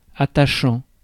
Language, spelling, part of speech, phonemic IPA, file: French, attachant, verb / adjective, /a.ta.ʃɑ̃/, Fr-attachant.ogg
- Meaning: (verb) present participle of attacher; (adjective) endearing, cute